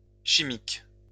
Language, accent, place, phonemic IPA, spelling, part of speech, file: French, France, Lyon, /ʃi.mik/, chimiques, adjective, LL-Q150 (fra)-chimiques.wav
- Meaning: plural of chimique